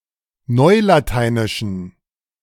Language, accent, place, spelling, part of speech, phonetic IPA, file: German, Germany, Berlin, neulateinischen, adjective, [ˈnɔɪ̯lataɪ̯nɪʃn̩], De-neulateinischen.ogg
- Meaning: inflection of neulateinisch: 1. strong genitive masculine/neuter singular 2. weak/mixed genitive/dative all-gender singular 3. strong/weak/mixed accusative masculine singular 4. strong dative plural